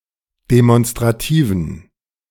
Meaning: inflection of demonstrativ: 1. strong genitive masculine/neuter singular 2. weak/mixed genitive/dative all-gender singular 3. strong/weak/mixed accusative masculine singular 4. strong dative plural
- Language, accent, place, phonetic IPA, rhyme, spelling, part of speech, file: German, Germany, Berlin, [demɔnstʁaˈtiːvn̩], -iːvn̩, demonstrativen, adjective, De-demonstrativen.ogg